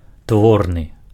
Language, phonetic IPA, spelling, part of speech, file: Belarusian, [ˈtvornɨ], творны, adjective, Be-творны.ogg
- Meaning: instrumental